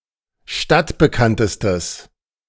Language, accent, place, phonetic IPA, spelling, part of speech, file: German, Germany, Berlin, [ˈʃtatbəˌkantəstəs], stadtbekanntestes, adjective, De-stadtbekanntestes.ogg
- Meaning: strong/mixed nominative/accusative neuter singular superlative degree of stadtbekannt